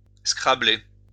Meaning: 1. to play a move that uses all seven tiles 2. to play Scrabble
- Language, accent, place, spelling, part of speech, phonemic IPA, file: French, France, Lyon, scrabbler, verb, /skʁa.ble/, LL-Q150 (fra)-scrabbler.wav